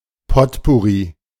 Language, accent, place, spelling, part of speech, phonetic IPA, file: German, Germany, Berlin, Potpourri, noun, [ˈpɔtpʊʁi], De-Potpourri.ogg
- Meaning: potpourri